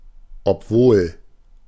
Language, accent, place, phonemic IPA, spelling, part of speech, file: German, Germany, Berlin, /ɔpˈvoːl/, obwohl, conjunction, De-obwohl.ogg
- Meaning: although, though, while